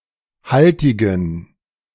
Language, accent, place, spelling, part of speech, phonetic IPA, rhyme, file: German, Germany, Berlin, haltigen, adjective, [ˈhaltɪɡn̩], -altɪɡn̩, De-haltigen.ogg
- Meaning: inflection of haltig: 1. strong genitive masculine/neuter singular 2. weak/mixed genitive/dative all-gender singular 3. strong/weak/mixed accusative masculine singular 4. strong dative plural